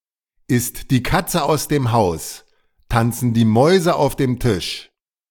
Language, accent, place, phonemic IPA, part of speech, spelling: German, Germany, Berlin, /ˌɪst di ˈkat͡sə aʊ̯s dem ˈhaʊ̯s ˌtant͡sən di ˈmɔʏ̯zə aʊ̯f dem ˈtɪʃ/, proverb, ist die Katze aus dem Haus, tanzen die Mäuse auf dem Tisch
- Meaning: when the cat's away the mice will play